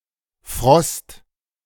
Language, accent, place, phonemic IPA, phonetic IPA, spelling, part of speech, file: German, Germany, Berlin, /frɔst/, [fʁɔst], Frost, noun, De-Frost.ogg
- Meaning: 1. frost; freezing weather (weather conditions below 0 °C) 2. frost; ice; all the natural phenomena caused by such weather collectively 3. a sensation of cold, especially due to illness